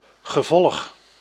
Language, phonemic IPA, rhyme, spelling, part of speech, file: Dutch, /ɣəˈvɔlx/, -ɔlx, gevolg, noun, Nl-gevolg.ogg
- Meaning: 1. consequence, result 2. entourage